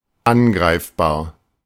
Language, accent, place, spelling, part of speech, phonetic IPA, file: German, Germany, Berlin, angreifbar, adjective, [ˈanˌɡʁaɪ̯fbaːɐ̯], De-angreifbar.ogg
- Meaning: 1. vulnerable 2. assailable